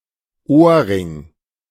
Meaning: earring
- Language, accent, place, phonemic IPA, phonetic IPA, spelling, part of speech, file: German, Germany, Berlin, /ˈoː(r)ˌrɪŋ/, [ˈʔoː(ɐ̯)ˌʁɪŋ], Ohrring, noun, De-Ohrring.ogg